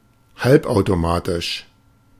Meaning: semiautomatic
- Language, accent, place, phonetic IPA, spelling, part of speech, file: German, Germany, Berlin, [ˈhalpʔaʊ̯toˌmaːtɪʃ], halbautomatisch, adjective, De-halbautomatisch.ogg